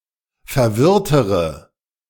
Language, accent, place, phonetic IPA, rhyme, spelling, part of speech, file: German, Germany, Berlin, [fɛɐ̯ˈvɪʁtəʁə], -ɪʁtəʁə, verwirrtere, adjective, De-verwirrtere.ogg
- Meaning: inflection of verwirrt: 1. strong/mixed nominative/accusative feminine singular comparative degree 2. strong nominative/accusative plural comparative degree